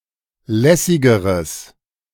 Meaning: strong/mixed nominative/accusative neuter singular comparative degree of lässig
- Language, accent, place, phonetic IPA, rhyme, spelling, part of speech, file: German, Germany, Berlin, [ˈlɛsɪɡəʁəs], -ɛsɪɡəʁəs, lässigeres, adjective, De-lässigeres.ogg